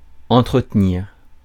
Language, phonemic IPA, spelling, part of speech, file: French, /ɑ̃.tʁə.t(ə).niʁ/, entretenir, verb, Fr-entretenir.ogg
- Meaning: 1. to maintain, to look after 2. to support (e.g. a family) 3. to fuel, to keep something going 4. to have a discussion (with someone) 5. to keep fit